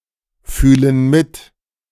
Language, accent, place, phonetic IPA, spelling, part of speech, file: German, Germany, Berlin, [ˌfyːlən ˈmɪt], fühlen mit, verb, De-fühlen mit.ogg
- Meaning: inflection of mitfühlen: 1. first/third-person plural present 2. first/third-person plural subjunctive I